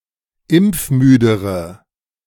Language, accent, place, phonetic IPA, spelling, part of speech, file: German, Germany, Berlin, [ˈɪmp͡fˌmyːdəʁə], impfmüdere, adjective, De-impfmüdere.ogg
- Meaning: inflection of impfmüde: 1. strong/mixed nominative/accusative feminine singular comparative degree 2. strong nominative/accusative plural comparative degree